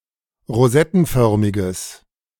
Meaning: strong/mixed nominative/accusative neuter singular of rosettenförmig
- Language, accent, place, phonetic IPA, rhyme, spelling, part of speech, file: German, Germany, Berlin, [ʁoˈzɛtn̩ˌfœʁmɪɡəs], -ɛtn̩fœʁmɪɡəs, rosettenförmiges, adjective, De-rosettenförmiges.ogg